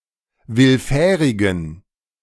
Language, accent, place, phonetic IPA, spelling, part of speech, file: German, Germany, Berlin, [ˈvɪlˌfɛːʁɪɡn̩], willfährigen, adjective, De-willfährigen.ogg
- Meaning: inflection of willfährig: 1. strong genitive masculine/neuter singular 2. weak/mixed genitive/dative all-gender singular 3. strong/weak/mixed accusative masculine singular 4. strong dative plural